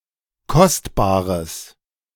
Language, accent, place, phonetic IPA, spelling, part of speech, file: German, Germany, Berlin, [ˈkɔstbaːʁəs], kostbares, adjective, De-kostbares.ogg
- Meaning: strong/mixed nominative/accusative neuter singular of kostbar